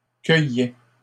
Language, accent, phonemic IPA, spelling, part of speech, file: French, Canada, /kœ.jɛ/, cueillais, verb, LL-Q150 (fra)-cueillais.wav
- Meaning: first/second-person singular imperfect indicative of cueillir